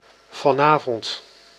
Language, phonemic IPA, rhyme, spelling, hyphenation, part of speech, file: Dutch, /ˌvɑˈnaː.vɔnt/, -aːvɔnt, vanavond, van‧avond, adverb, Nl-vanavond.ogg
- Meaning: tonight, this evening, the evening of the current day (in the future or past)